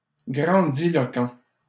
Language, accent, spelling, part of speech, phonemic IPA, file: French, Canada, grandiloquent, adjective, /ɡʁɑ̃.di.lɔ.kɑ̃/, LL-Q150 (fra)-grandiloquent.wav
- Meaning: grandiloquent